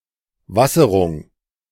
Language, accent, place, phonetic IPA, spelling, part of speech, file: German, Germany, Berlin, [ˈvasəʁʊŋ], Wasserung, noun, De-Wasserung.ogg
- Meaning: landing on water